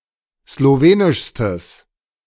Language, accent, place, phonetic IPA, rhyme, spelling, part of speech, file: German, Germany, Berlin, [sloˈveːnɪʃstəs], -eːnɪʃstəs, slowenischstes, adjective, De-slowenischstes.ogg
- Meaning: strong/mixed nominative/accusative neuter singular superlative degree of slowenisch